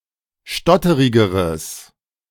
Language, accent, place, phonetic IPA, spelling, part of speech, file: German, Germany, Berlin, [ˈʃtɔtəʁɪɡəʁəs], stotterigeres, adjective, De-stotterigeres.ogg
- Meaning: strong/mixed nominative/accusative neuter singular comparative degree of stotterig